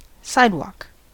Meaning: 1. A paved footpath located at the side of a road, for the use of pedestrians 2. Any paved footpath, even if not located at the side of a road
- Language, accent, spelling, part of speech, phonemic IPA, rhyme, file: English, US, sidewalk, noun, /ˈsaɪdwɔk/, -aɪdwɔːk, En-us-sidewalk.ogg